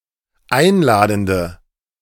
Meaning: inflection of einladend: 1. strong/mixed nominative/accusative feminine singular 2. strong nominative/accusative plural 3. weak nominative all-gender singular
- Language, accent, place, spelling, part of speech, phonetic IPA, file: German, Germany, Berlin, einladende, adjective, [ˈaɪ̯nˌlaːdn̩də], De-einladende.ogg